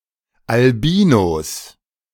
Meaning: 1. genitive singular of Albino 2. plural of Albino
- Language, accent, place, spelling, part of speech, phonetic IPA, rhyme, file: German, Germany, Berlin, Albinos, noun, [alˈbiːnos], -iːnos, De-Albinos.ogg